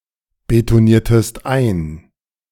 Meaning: inflection of einbetonieren: 1. second-person singular preterite 2. second-person singular subjunctive II
- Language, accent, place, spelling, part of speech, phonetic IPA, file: German, Germany, Berlin, betoniertest ein, verb, [betoˌniːɐ̯təst ˈaɪ̯n], De-betoniertest ein.ogg